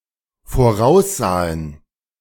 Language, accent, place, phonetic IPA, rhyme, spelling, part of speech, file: German, Germany, Berlin, [foˈʁaʊ̯sˌzaːən], -aʊ̯szaːən, voraussahen, verb, De-voraussahen.ogg
- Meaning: first/third-person plural dependent preterite of voraussehen